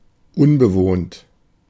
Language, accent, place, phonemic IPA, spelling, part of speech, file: German, Germany, Berlin, /ˈʊnbəˌvoːnt/, unbewohnt, adjective, De-unbewohnt.ogg
- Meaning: uninhabited, untenanted, unoccupied, vacant